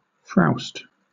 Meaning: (noun) Stuffiness; stifling warmth in a room; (verb) To enjoy being in a warm, close, stuffy place
- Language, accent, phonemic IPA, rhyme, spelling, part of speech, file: English, Southern England, /fɹaʊst/, -aʊst, frowst, noun / verb, LL-Q1860 (eng)-frowst.wav